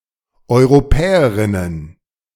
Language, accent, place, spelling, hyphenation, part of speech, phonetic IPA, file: German, Germany, Berlin, Europäerinnen, Eu‧ro‧pä‧e‧rin‧nen, noun, [ˌɔɪ̯ʁoˈpɛːəˌʁɪnən], De-Europäerinnen.ogg
- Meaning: plural of Europäerin